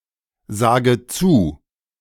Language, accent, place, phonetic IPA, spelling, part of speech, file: German, Germany, Berlin, [ˌzaːɡə ˈt͡suː], sage zu, verb, De-sage zu.ogg
- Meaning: inflection of zusagen: 1. first-person singular present 2. first/third-person singular subjunctive I 3. singular imperative